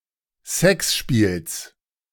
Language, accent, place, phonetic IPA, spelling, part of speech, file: German, Germany, Berlin, [ˈsɛksˌʃpiːls], Sexspiels, noun, De-Sexspiels.ogg
- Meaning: genitive of Sexspiel